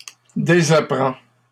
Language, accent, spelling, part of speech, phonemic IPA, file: French, Canada, désapprends, verb, /de.za.pʁɑ̃/, LL-Q150 (fra)-désapprends.wav
- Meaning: inflection of désapprendre: 1. first/second-person singular present indicative 2. second-person singular imperative